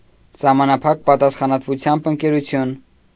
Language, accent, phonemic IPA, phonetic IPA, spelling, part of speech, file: Armenian, Eastern Armenian, /sɑhmɑnɑˈpʰɑk pɑtɑsχɑnɑtvuˈtʰjɑmb ənkeɾuˈtʰjun/, [sɑhmɑnɑpʰɑ́k pɑtɑsχɑnɑtvut͡sʰjɑ́mb əŋkeɾut͡sʰjún], սահմանափակ պատասխանատվությամբ ընկերություն, noun, Hy-սահմանափակ պատասխանատվությամբ ընկերություն.ogg
- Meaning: limited liability company